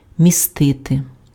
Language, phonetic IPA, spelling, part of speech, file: Ukrainian, [mʲiˈstɪte], містити, verb, Uk-містити.ogg
- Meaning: to contain, to hold, to include (have within itself)